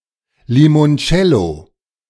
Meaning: limoncello (Italian lemon-flavoured liqueur)
- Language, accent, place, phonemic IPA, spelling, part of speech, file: German, Germany, Berlin, /li.monˈt͡ʃɛ.lo/, Limoncello, noun, De-Limoncello.ogg